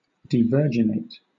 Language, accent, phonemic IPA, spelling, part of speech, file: English, Southern England, /diːˈvɜː(ɹ)dʒɪneɪt/, devirginate, verb, LL-Q1860 (eng)-devirginate.wav
- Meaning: To deprive of virginity; to deflower